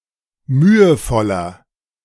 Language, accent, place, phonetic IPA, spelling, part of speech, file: German, Germany, Berlin, [ˈmyːəˌfɔlɐ], mühevoller, adjective, De-mühevoller.ogg
- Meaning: 1. comparative degree of mühevoll 2. inflection of mühevoll: strong/mixed nominative masculine singular 3. inflection of mühevoll: strong genitive/dative feminine singular